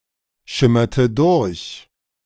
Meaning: inflection of durchschimmern: 1. first/third-person singular preterite 2. first/third-person singular subjunctive II
- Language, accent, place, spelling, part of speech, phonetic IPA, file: German, Germany, Berlin, schimmerte durch, verb, [ˌʃɪmɐtə ˈdʊʁç], De-schimmerte durch.ogg